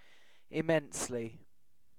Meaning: Greatly; hugely; extremely; vastly; to a great extent
- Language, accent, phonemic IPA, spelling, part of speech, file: English, UK, /ɪˈmɛnsli/, immensely, adverb, En-uk-immensely.ogg